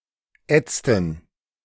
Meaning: inflection of ätzen: 1. first/third-person plural preterite 2. first/third-person plural subjunctive II
- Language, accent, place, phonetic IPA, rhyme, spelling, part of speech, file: German, Germany, Berlin, [ˈɛt͡stn̩], -ɛt͡stn̩, ätzten, verb, De-ätzten.ogg